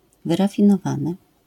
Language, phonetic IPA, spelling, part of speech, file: Polish, [ˌvɨrafʲĩnɔˈvãnɨ], wyrafinowany, adjective / verb, LL-Q809 (pol)-wyrafinowany.wav